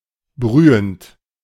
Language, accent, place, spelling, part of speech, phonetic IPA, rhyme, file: German, Germany, Berlin, brühend, verb, [ˈbʁyːənt], -yːənt, De-brühend.ogg
- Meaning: present participle of brühen